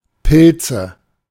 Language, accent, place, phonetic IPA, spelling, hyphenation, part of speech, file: German, Germany, Berlin, [pʰɪlt͡sə], Pilze, Pil‧ze, noun, De-Pilze.ogg
- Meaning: nominative/accusative/genitive plural of Pilz